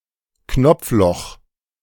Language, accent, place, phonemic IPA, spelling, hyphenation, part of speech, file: German, Germany, Berlin, /ˈknɔp͡fˌlɔx/, Knopfloch, Knopf‧loch, noun, De-Knopfloch.ogg
- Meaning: buttonhole